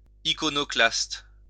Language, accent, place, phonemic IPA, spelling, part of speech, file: French, France, Lyon, /i.kɔ.nɔ.klast/, iconoclaste, adjective / noun, LL-Q150 (fra)-iconoclaste.wav
- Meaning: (adjective) iconoclastic; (noun) iconoclast